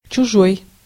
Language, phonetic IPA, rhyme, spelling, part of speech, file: Russian, [t͡ɕʊˈʐoj], -oj, чужой, adjective / noun, Ru-чужой.ogg
- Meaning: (adjective) 1. someone else’s, another’s, other’s 2. alien, strange, foreign; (noun) alien, stranger, foreigner, outsider